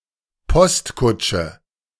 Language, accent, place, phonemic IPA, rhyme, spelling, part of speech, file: German, Germany, Berlin, /ˈpɔstˌkʊtʃə/, -ʊt͡ʃə, Postkutsche, noun, De-Postkutsche.ogg
- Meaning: stage-coach, post chaise